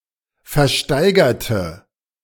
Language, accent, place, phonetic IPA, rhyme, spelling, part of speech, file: German, Germany, Berlin, [fɛɐ̯ˈʃtaɪ̯ɡɐtə], -aɪ̯ɡɐtə, versteigerte, adjective / verb, De-versteigerte.ogg
- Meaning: inflection of versteigern: 1. first/third-person singular preterite 2. first/third-person singular subjunctive II